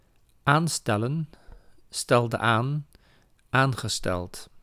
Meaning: to appoint, to commission, to name for a role
- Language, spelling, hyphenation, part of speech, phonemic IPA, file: Dutch, aanstellen, aan‧stel‧len, verb, /ˈaːnˌstɛlə(n)/, Nl-aanstellen.ogg